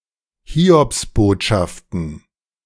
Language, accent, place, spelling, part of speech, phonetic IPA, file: German, Germany, Berlin, Hiobsbotschaften, noun, [ˈhiːɔpsˌboːtʃaftn̩], De-Hiobsbotschaften.ogg
- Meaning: plural of Hiobsbotschaft